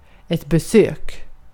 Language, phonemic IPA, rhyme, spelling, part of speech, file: Swedish, /bɛˈsøːk/, -øːk, besök, noun / verb, Sv-besök.ogg
- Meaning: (noun) a visit; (verb) imperative of besöka